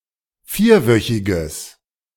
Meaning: strong/mixed nominative/accusative neuter singular of vierwöchig
- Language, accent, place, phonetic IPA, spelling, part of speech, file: German, Germany, Berlin, [ˈfiːɐ̯ˌvœçɪɡəs], vierwöchiges, adjective, De-vierwöchiges.ogg